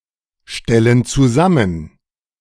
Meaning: inflection of zusammenstellen: 1. first/third-person plural present 2. first/third-person plural subjunctive I
- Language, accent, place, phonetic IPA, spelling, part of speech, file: German, Germany, Berlin, [ˌʃtɛlən t͡suˈzamən], stellen zusammen, verb, De-stellen zusammen.ogg